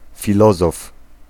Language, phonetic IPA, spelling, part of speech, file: Polish, [fʲiˈlɔzɔf], filozof, noun, Pl-filozof.ogg